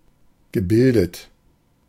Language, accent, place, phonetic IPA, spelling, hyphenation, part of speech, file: German, Germany, Berlin, [ɡəˈbɪldət], gebildet, ge‧bil‧det, verb / adjective, De-gebildet.ogg
- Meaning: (verb) past participle of bilden; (adjective) 1. educated 2. erudite, literate 3. intellectual, cultured